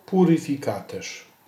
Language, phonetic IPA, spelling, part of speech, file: Polish, [ˌpurɨfʲiˈkatɛʃ], puryfikaterz, noun, Pl-puryfikaterz.ogg